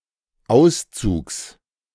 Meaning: genitive singular of Auszug
- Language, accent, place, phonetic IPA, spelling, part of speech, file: German, Germany, Berlin, [ˈaʊ̯st͡suːks], Auszugs, noun, De-Auszugs.ogg